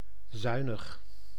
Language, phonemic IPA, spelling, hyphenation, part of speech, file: Dutch, /ˈzœy̯.nəx/, zuinig, zui‧nig, adjective, Nl-zuinig.ogg
- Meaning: 1. economical, careful with expenses 2. efficient, not wasteful; frugal 3. with a not lenient, sober attitude